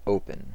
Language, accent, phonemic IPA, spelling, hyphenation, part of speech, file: English, General American, /ˈoʊ.pən/, open, o‧pen, adjective / verb / noun, En-us-open.ogg
- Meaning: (adjective) Physically unobstructed, uncovered, etc.: 1. Able to have something pass through or along it 2. Not covered, sealed, etc.; having an opening or aperture showing what is inside